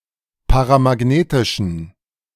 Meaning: inflection of paramagnetisch: 1. strong genitive masculine/neuter singular 2. weak/mixed genitive/dative all-gender singular 3. strong/weak/mixed accusative masculine singular 4. strong dative plural
- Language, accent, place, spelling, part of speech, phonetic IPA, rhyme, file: German, Germany, Berlin, paramagnetischen, adjective, [paʁamaˈɡneːtɪʃn̩], -eːtɪʃn̩, De-paramagnetischen.ogg